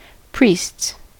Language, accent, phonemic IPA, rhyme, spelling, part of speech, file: English, US, /ˈpɹiːsts/, -iːsts, priests, noun / verb, En-us-priests.ogg
- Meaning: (noun) plural of priest; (verb) third-person singular simple present indicative of priest